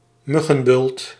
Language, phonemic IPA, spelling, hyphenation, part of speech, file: Dutch, /ˈmʏ.ɣə(n)ˌbʏlt/, muggenbult, mug‧gen‧bult, noun, Nl-muggenbult.ogg
- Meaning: a mosquito bite (inflamed bump by a mosquito biting)